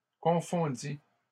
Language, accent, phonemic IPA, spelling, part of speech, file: French, Canada, /kɔ̃.fɔ̃.di/, confondit, verb, LL-Q150 (fra)-confondit.wav
- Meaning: third-person singular past historic of confondre